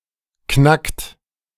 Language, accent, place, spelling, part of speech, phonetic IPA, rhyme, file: German, Germany, Berlin, knackt, verb, [knakt], -akt, De-knackt.ogg
- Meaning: inflection of knacken: 1. third-person singular present 2. second-person plural present 3. plural imperative